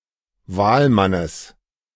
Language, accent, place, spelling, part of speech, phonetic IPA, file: German, Germany, Berlin, Wahlmannes, noun, [ˈvaːlˌmanəs], De-Wahlmannes.ogg
- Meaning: genitive singular of Wahlmann